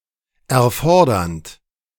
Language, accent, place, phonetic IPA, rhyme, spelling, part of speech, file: German, Germany, Berlin, [ɛɐ̯ˈfɔʁdɐnt], -ɔʁdɐnt, erfordernd, verb, De-erfordernd.ogg
- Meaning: present participle of erfordern